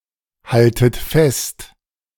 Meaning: second-person plural subjunctive I of festhalten
- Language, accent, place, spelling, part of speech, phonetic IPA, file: German, Germany, Berlin, haltet fest, verb, [ˌhaltət ˈfɛst], De-haltet fest.ogg